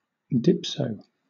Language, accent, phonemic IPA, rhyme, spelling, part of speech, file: English, Southern England, /ˈdɪpsəʊ/, -ɪpsəʊ, dipso, noun, LL-Q1860 (eng)-dipso.wav
- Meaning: A dipsomaniac; an alcoholic; a drunk